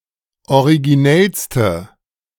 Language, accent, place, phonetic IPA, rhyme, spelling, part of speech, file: German, Germany, Berlin, [oʁiɡiˈnɛlstə], -ɛlstə, originellste, adjective, De-originellste.ogg
- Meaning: inflection of originell: 1. strong/mixed nominative/accusative feminine singular superlative degree 2. strong nominative/accusative plural superlative degree